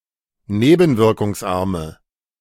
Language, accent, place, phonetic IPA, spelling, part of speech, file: German, Germany, Berlin, [ˈneːbn̩vɪʁkʊŋsˌʔaʁmə], nebenwirkungsarme, adjective, De-nebenwirkungsarme.ogg
- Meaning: inflection of nebenwirkungsarm: 1. strong/mixed nominative/accusative feminine singular 2. strong nominative/accusative plural 3. weak nominative all-gender singular